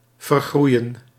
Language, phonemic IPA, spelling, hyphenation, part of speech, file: Dutch, /vərˈɣrui̯ə(n)/, vergroeien, ver‧groe‧ien, verb, Nl-vergroeien.ogg
- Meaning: 1. to grow together 2. to deform (to grow out of shape)